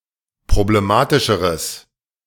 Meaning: strong/mixed nominative/accusative neuter singular comparative degree of problematisch
- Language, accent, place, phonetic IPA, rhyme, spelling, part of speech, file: German, Germany, Berlin, [pʁobleˈmaːtɪʃəʁəs], -aːtɪʃəʁəs, problematischeres, adjective, De-problematischeres.ogg